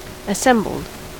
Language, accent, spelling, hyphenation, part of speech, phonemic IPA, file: English, US, assembled, as‧sem‧bled, verb, /əˈsɛmbl̩d/, En-us-assembled.ogg
- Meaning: simple past and past participle of assemble